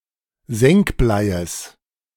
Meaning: genitive singular of Senkblei
- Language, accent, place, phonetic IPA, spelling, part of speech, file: German, Germany, Berlin, [ˈzɛŋkˌblaɪ̯əs], Senkbleies, noun, De-Senkbleies.ogg